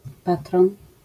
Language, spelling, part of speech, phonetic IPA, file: Polish, patron, noun, [ˈpatrɔ̃n], LL-Q809 (pol)-patron.wav